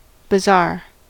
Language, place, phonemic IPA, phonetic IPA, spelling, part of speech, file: English, California, /bəˈzɑɹ/, [bɪ̈ˈzɑɹ], bazaar, noun, En-us-bazaar.ogg
- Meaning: 1. A marketplace, particularly in the Middle East and South Asia, and often covered with shops and stalls 2. A shop selling articles that are either exotic or eclectic